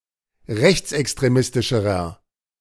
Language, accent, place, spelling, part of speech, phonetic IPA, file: German, Germany, Berlin, rechtsextremistischerer, adjective, [ˈʁɛçt͡sʔɛkstʁeˌmɪstɪʃəʁɐ], De-rechtsextremistischerer.ogg
- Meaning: inflection of rechtsextremistisch: 1. strong/mixed nominative masculine singular comparative degree 2. strong genitive/dative feminine singular comparative degree